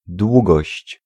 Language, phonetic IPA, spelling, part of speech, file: Polish, [ˈdwuɡɔɕt͡ɕ], długość, noun, Pl-długość.ogg